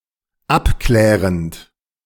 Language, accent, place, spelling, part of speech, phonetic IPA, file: German, Germany, Berlin, abklärend, verb, [ˈapˌklɛːʁənt], De-abklärend.ogg
- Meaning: present participle of abklären